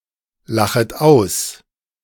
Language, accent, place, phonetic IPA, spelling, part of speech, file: German, Germany, Berlin, [ˌlaxət ˈaʊ̯s], lachet aus, verb, De-lachet aus.ogg
- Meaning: second-person plural subjunctive I of auslachen